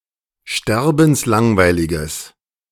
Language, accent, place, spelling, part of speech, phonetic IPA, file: German, Germany, Berlin, sterbenslangweiliges, adjective, [ˈʃtɛʁbn̩sˌlaŋvaɪ̯lɪɡəs], De-sterbenslangweiliges.ogg
- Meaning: strong/mixed nominative/accusative neuter singular of sterbenslangweilig